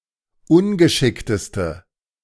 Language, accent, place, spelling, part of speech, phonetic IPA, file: German, Germany, Berlin, ungeschickteste, adjective, [ˈʊnɡəˌʃɪktəstə], De-ungeschickteste.ogg
- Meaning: inflection of ungeschickt: 1. strong/mixed nominative/accusative feminine singular superlative degree 2. strong nominative/accusative plural superlative degree